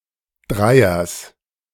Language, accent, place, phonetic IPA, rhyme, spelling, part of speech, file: German, Germany, Berlin, [ˈdʁaɪ̯ɐs], -aɪ̯ɐs, Dreiers, noun, De-Dreiers.ogg
- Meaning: genitive singular of Dreier